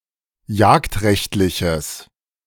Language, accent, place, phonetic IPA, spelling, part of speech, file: German, Germany, Berlin, [ˈjaːktˌʁɛçtlɪçəs], jagdrechtliches, adjective, De-jagdrechtliches.ogg
- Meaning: strong/mixed nominative/accusative neuter singular of jagdrechtlich